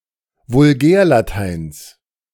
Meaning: genitive singular of Vulgärlatein
- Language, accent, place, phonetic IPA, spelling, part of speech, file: German, Germany, Berlin, [vʊlˈɡɛːɐ̯laˌtaɪ̯ns], Vulgärlateins, noun, De-Vulgärlateins.ogg